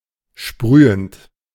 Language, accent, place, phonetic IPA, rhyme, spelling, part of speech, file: German, Germany, Berlin, [ˈʃpʁyːənt], -yːənt, sprühend, verb, De-sprühend.ogg
- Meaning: present participle of sprühen